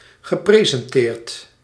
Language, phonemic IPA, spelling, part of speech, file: Dutch, /ɣəˌpresɛnˈtert/, gepresenteerd, verb / adjective, Nl-gepresenteerd.ogg
- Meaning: past participle of presenteren